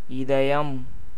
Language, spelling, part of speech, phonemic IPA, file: Tamil, இதயம், noun, /ɪd̪ɐjɐm/, Ta-இதயம்.ogg
- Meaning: 1. heart 2. chest